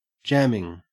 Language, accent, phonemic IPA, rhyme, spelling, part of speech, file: English, Australia, /ˈd͡ʒæmɪŋ/, -æmɪŋ, jamming, verb / noun / adjective, En-au-jamming.ogg
- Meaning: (verb) present participle and gerund of jam; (noun) 1. The act or process by which something is jammed 2. The playing of improvisational music; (adjective) Great; awesome